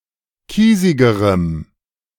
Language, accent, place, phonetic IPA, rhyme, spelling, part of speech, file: German, Germany, Berlin, [ˈkiːzɪɡəʁəm], -iːzɪɡəʁəm, kiesigerem, adjective, De-kiesigerem.ogg
- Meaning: strong dative masculine/neuter singular comparative degree of kiesig